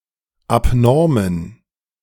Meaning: inflection of abnorm: 1. strong genitive masculine/neuter singular 2. weak/mixed genitive/dative all-gender singular 3. strong/weak/mixed accusative masculine singular 4. strong dative plural
- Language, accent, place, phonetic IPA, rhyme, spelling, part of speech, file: German, Germany, Berlin, [apˈnɔʁmən], -ɔʁmən, abnormen, adjective, De-abnormen.ogg